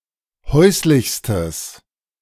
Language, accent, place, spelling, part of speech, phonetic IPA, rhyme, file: German, Germany, Berlin, häuslichstes, adjective, [ˈhɔɪ̯slɪçstəs], -ɔɪ̯slɪçstəs, De-häuslichstes.ogg
- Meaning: strong/mixed nominative/accusative neuter singular superlative degree of häuslich